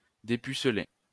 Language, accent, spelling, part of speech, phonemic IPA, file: French, France, dépuceler, verb, /de.py.s(ə).le/, LL-Q150 (fra)-dépuceler.wav
- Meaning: 1. to deflower, to pop someone's cherry (to take someone's virginity) 2. to disillusion, to make someone aware of something, to make someone lose their innocence